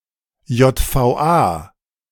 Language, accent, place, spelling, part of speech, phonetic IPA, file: German, Germany, Berlin, JVA, abbreviation, [jɔtfaʊ̯ˈʔaː], De-JVA.ogg
- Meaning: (noun) abbreviation of Justizvollzugsanstalt (official term for (a type of) prison in Germany); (proper noun) abbreviation of Jugoslawische Volksarmee